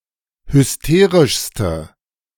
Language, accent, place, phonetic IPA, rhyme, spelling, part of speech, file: German, Germany, Berlin, [hʏsˈteːʁɪʃstə], -eːʁɪʃstə, hysterischste, adjective, De-hysterischste.ogg
- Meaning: inflection of hysterisch: 1. strong/mixed nominative/accusative feminine singular superlative degree 2. strong nominative/accusative plural superlative degree